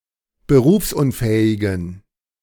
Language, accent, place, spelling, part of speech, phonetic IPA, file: German, Germany, Berlin, berufsunfähigen, adjective, [bəˈʁuːfsʔʊnˌfɛːɪɡn̩], De-berufsunfähigen.ogg
- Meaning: inflection of berufsunfähig: 1. strong genitive masculine/neuter singular 2. weak/mixed genitive/dative all-gender singular 3. strong/weak/mixed accusative masculine singular 4. strong dative plural